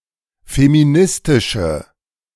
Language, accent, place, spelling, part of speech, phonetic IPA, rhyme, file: German, Germany, Berlin, feministische, adjective, [femiˈnɪstɪʃə], -ɪstɪʃə, De-feministische.ogg
- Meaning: inflection of feministisch: 1. strong/mixed nominative/accusative feminine singular 2. strong nominative/accusative plural 3. weak nominative all-gender singular